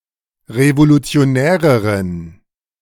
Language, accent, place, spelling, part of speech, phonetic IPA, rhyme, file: German, Germany, Berlin, revolutionäreren, adjective, [ʁevolut͡si̯oˈnɛːʁəʁən], -ɛːʁəʁən, De-revolutionäreren.ogg
- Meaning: inflection of revolutionär: 1. strong genitive masculine/neuter singular comparative degree 2. weak/mixed genitive/dative all-gender singular comparative degree